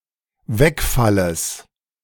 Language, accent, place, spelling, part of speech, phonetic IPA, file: German, Germany, Berlin, Wegfalles, noun, [ˈvɛkˌfaləs], De-Wegfalles.ogg
- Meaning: genitive singular of Wegfall